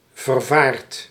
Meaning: afraid, perturbed
- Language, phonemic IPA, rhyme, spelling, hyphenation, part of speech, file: Dutch, /vərˈvaːrt/, -aːrt, vervaard, ver‧vaard, adjective, Nl-vervaard.ogg